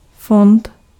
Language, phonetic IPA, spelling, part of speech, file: Czech, [ˈfont], fond, noun, Cs-fond.ogg
- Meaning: fund